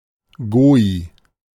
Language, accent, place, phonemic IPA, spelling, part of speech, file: German, Germany, Berlin, /ˈɡoːi/, Goi, noun, De-Goi.ogg
- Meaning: goy, gentile